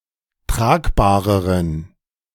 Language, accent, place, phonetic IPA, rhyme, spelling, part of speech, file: German, Germany, Berlin, [ˈtʁaːkbaːʁəʁən], -aːkbaːʁəʁən, tragbareren, adjective, De-tragbareren.ogg
- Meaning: inflection of tragbar: 1. strong genitive masculine/neuter singular comparative degree 2. weak/mixed genitive/dative all-gender singular comparative degree